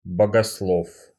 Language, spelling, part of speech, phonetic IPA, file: Russian, богослов, noun, [bəɡɐsˈɫof], Ru-богослов.ogg
- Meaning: theologian